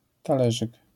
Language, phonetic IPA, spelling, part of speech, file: Polish, [taˈlɛʒɨk], talerzyk, noun, LL-Q809 (pol)-talerzyk.wav